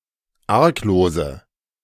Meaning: inflection of arglos: 1. strong/mixed nominative/accusative feminine singular 2. strong nominative/accusative plural 3. weak nominative all-gender singular 4. weak accusative feminine/neuter singular
- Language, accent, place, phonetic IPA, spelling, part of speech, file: German, Germany, Berlin, [ˈaʁkˌloːzə], arglose, adjective, De-arglose.ogg